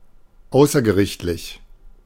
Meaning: extrajudicial
- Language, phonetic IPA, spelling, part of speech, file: German, [ˈaʊ̯sɐɡəˌʁɪçtlɪç], außergerichtlich, adjective, De-außergerichtlich.oga